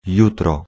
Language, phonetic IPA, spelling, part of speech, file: Polish, [ˈjutrɔ], jutro, noun / adverb, Pl-jutro.ogg